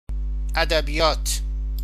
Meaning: 1. literature 2. rhetoric, discourse
- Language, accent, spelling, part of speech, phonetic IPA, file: Persian, Iran, ادبیات, noun, [ʔæ.d̪æ.bi.jɒ́ːt̪ʰ], Fa-ادبیات.ogg